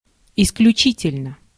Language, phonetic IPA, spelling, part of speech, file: Russian, [ɪsklʲʉˈt͡ɕitʲɪlʲnə], исключительно, adverb / adjective, Ru-исключительно.ogg
- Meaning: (adverb) 1. exceptionally, exclusively, extraordinarily 2. solely, only; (adjective) short neuter singular of исключи́тельный (isključítelʹnyj)